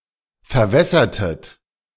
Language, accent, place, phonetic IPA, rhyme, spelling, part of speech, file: German, Germany, Berlin, [fɛɐ̯ˈvɛsɐtət], -ɛsɐtət, verwässertet, verb, De-verwässertet.ogg
- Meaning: inflection of verwässern: 1. second-person plural preterite 2. second-person plural subjunctive II